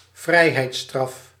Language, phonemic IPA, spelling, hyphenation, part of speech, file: Dutch, /ˈvrɛi̯.ɦɛi̯tˌstrɑf/, vrijheidsstraf, vrij‧heids‧straf, noun, Nl-vrijheidsstraf.ogg
- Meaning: a punishment involving deprivation of liberty, imprisonment, prison sentence